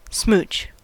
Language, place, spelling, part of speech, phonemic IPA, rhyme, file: English, California, smooch, noun / verb, /smut͡ʃ/, -uːtʃ, En-us-smooch.ogg
- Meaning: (noun) 1. A kiss, especially that which is on the cheek 2. Someone who easily agrees to give oral sex; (verb) 1. To kiss 2. To steal